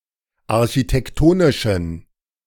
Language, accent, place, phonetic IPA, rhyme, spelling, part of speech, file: German, Germany, Berlin, [aʁçitɛkˈtoːnɪʃn̩], -oːnɪʃn̩, architektonischen, adjective, De-architektonischen.ogg
- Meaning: inflection of architektonisch: 1. strong genitive masculine/neuter singular 2. weak/mixed genitive/dative all-gender singular 3. strong/weak/mixed accusative masculine singular 4. strong dative plural